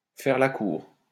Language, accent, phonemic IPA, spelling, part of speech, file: French, France, /fɛʁ la kuʁ/, faire la cour, verb, LL-Q150 (fra)-faire la cour.wav
- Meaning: to woo; to court